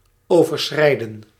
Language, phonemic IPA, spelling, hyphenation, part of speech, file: Dutch, /ˌoː.vərˈsxrɛi̯.də(n)/, overschrijden, over‧schrij‧den, verb, Nl-overschrijden.ogg
- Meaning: 1. to cross – cross over, step across 2. to overrun 3. to exceed, to surpass